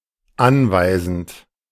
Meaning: present participle of anweisen
- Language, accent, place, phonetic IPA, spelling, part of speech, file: German, Germany, Berlin, [ˈanvaɪ̯zn̩t], anweisend, verb, De-anweisend.ogg